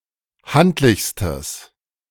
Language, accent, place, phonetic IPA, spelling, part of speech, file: German, Germany, Berlin, [ˈhantlɪçstəs], handlichstes, adjective, De-handlichstes.ogg
- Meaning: strong/mixed nominative/accusative neuter singular superlative degree of handlich